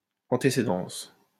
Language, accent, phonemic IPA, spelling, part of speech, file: French, France, /ɑ̃.te.se.dɑ̃s/, antécédence, noun, LL-Q150 (fra)-antécédence.wav
- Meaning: antecedence